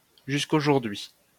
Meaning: until today
- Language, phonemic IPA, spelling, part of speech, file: French, /ʒys.k‿o.ʒuʁ.dɥi/, jusqu'aujourd'hui, adverb, LL-Q150 (fra)-jusqu'aujourd'hui.wav